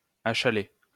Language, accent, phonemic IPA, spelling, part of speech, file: French, France, /a.ʃa.le/, achaler, verb, LL-Q150 (fra)-achaler.wav
- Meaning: to annoy, harass, badger